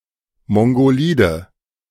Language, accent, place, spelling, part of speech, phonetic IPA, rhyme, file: German, Germany, Berlin, mongolide, adjective, [ˌmɔŋɡoˈliːdə], -iːdə, De-mongolide.ogg
- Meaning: inflection of mongolid: 1. strong/mixed nominative/accusative feminine singular 2. strong nominative/accusative plural 3. weak nominative all-gender singular